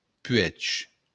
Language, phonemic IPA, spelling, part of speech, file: Occitan, /pɥɛt͡ʃ/, puèg, noun, LL-Q942602-puèg.wav
- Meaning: hill